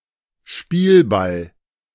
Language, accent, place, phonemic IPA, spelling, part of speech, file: German, Germany, Berlin, /ˈʃpiːlˌbal/, Spielball, noun, De-Spielball.ogg
- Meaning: 1. ball (for a game, sport) 2. pawn, tool (a person or object that is merely the object of something or someone more powerful; played around like a ball)